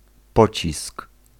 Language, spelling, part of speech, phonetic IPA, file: Polish, pocisk, noun, [ˈpɔt͡ɕisk], Pl-pocisk.ogg